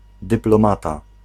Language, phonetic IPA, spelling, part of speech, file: Polish, [ˌdɨplɔ̃ˈmata], dyplomata, noun, Pl-dyplomata.ogg